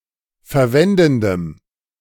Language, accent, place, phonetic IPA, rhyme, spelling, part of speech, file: German, Germany, Berlin, [fɛɐ̯ˈvɛndn̩dəm], -ɛndn̩dəm, verwendendem, adjective, De-verwendendem.ogg
- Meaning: strong dative masculine/neuter singular of verwendend